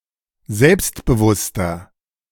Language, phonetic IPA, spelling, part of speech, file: German, [ˈzɛlpstbəˌvʊstɐ], selbstbewusster, adjective, De-selbstbewusster.oga
- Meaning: inflection of selbstbewusst: 1. strong/mixed nominative masculine singular 2. strong genitive/dative feminine singular 3. strong genitive plural